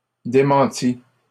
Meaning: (noun) denial (claim that a rumour or other statement is not true); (verb) past participle of démentir
- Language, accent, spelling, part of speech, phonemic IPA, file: French, Canada, démenti, noun / verb, /de.mɑ̃.ti/, LL-Q150 (fra)-démenti.wav